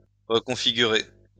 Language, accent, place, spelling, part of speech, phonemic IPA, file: French, France, Lyon, reconfigurer, verb, /ʁə.kɔ̃.fi.ɡy.ʁe/, LL-Q150 (fra)-reconfigurer.wav
- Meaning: to reconfigure